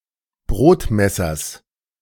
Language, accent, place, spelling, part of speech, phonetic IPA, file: German, Germany, Berlin, Brotmessers, noun, [ˈbʁoːtˌmɛsɐs], De-Brotmessers.ogg
- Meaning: genitive singular of Brotmesser